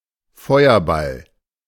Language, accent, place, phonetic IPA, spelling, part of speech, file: German, Germany, Berlin, [ˈfɔɪ̯ɐˌbal], Feuerball, noun, De-Feuerball.ogg
- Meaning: a fireball